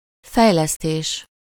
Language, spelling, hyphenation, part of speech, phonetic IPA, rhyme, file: Hungarian, fejlesztés, fej‧lesz‧tés, noun, [ˈfɛjlɛsteːʃ], -eːʃ, Hu-fejlesztés.ogg
- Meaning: development